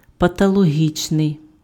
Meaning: pathological
- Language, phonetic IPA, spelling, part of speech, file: Ukrainian, [pɐtɔɫoˈɦʲit͡ʃnei̯], патологічний, adjective, Uk-патологічний.ogg